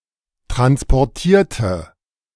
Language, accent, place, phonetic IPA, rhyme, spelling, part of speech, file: German, Germany, Berlin, [ˌtʁanspɔʁˈtiːɐ̯tə], -iːɐ̯tə, transportierte, adjective / verb, De-transportierte.ogg
- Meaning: inflection of transportieren: 1. first/third-person singular preterite 2. first/third-person singular subjunctive II